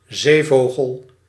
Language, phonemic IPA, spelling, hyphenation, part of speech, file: Dutch, /ˈzeːˌvoː.ɣəl/, zeevogel, zee‧vo‧gel, noun, Nl-zeevogel.ogg
- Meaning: a seabird, one of any marine species of birds